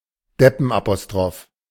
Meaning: greengrocer's apostrophe; an incorrectly used apostrophe, especially the practice borrowed from English to denote possessive
- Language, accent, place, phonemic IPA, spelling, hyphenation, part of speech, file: German, Germany, Berlin, /ˈdɛpənʔapoˌstʁoːf/, Deppenapostroph, Dep‧pen‧apo‧stroph, noun, De-Deppenapostroph.ogg